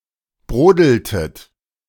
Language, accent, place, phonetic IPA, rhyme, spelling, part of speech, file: German, Germany, Berlin, [ˈbʁoːdl̩tət], -oːdl̩tət, brodeltet, verb, De-brodeltet.ogg
- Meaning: inflection of brodeln: 1. second-person plural preterite 2. second-person plural subjunctive II